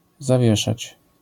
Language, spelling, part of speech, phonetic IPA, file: Polish, zawieszać, verb, [zaˈvʲjɛʃat͡ɕ], LL-Q809 (pol)-zawieszać.wav